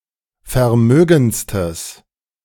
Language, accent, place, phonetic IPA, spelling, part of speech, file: German, Germany, Berlin, [fɛɐ̯ˈmøːɡn̩t͡stəs], vermögendstes, adjective, De-vermögendstes.ogg
- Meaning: strong/mixed nominative/accusative neuter singular superlative degree of vermögend